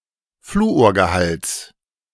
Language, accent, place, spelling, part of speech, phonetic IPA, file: German, Germany, Berlin, Fluorgehalts, noun, [ˈfluːoːɐ̯ɡəˌhalt͡s], De-Fluorgehalts.ogg
- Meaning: genitive singular of Fluorgehalt